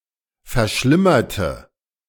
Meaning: inflection of verschlimmern: 1. first/third-person singular preterite 2. first/third-person singular subjunctive II
- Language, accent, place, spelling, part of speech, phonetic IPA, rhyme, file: German, Germany, Berlin, verschlimmerte, adjective / verb, [fɛɐ̯ˈʃlɪmɐtə], -ɪmɐtə, De-verschlimmerte.ogg